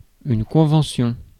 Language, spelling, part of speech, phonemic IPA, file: French, convention, noun, /kɔ̃.vɑ̃.sjɔ̃/, Fr-convention.ogg
- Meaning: 1. convention, agreement 2. convention (formal meeting) 3. convention (conventionally standardised choice)